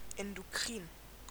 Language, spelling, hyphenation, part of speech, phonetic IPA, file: German, endokrin, en‧do‧krin, adjective, [ɛndoˈkriːn], De-endokrin.ogg
- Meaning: endocrine